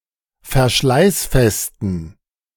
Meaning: inflection of verschleißfest: 1. strong genitive masculine/neuter singular 2. weak/mixed genitive/dative all-gender singular 3. strong/weak/mixed accusative masculine singular 4. strong dative plural
- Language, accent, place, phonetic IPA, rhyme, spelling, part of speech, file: German, Germany, Berlin, [fɛɐ̯ˈʃlaɪ̯sˌfɛstn̩], -aɪ̯sfɛstn̩, verschleißfesten, adjective, De-verschleißfesten.ogg